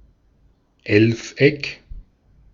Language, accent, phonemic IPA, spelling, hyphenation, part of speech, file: German, Austria, /ˈɛlfˌ.ɛk/, Elfeck, Elf‧eck, noun, De-at-Elfeck.ogg
- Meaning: hendecagon, undecagon